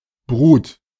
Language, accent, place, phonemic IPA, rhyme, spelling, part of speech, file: German, Germany, Berlin, /bʁuːt/, -uːt, Brut, noun, De-Brut.ogg
- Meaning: 1. brood 2. offspring, spawn